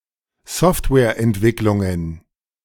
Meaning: plural of Softwareentwicklung
- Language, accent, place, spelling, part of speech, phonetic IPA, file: German, Germany, Berlin, Softwareentwicklungen, noun, [ˈsɔftvɛːɐ̯ʔɛntˌvɪklʊŋən], De-Softwareentwicklungen.ogg